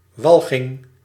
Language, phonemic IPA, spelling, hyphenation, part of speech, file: Dutch, /ˈʋɑl.ɣɪŋ/, walging, wal‧ging, noun, Nl-walging.ogg
- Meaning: disgust, aversion, revulsion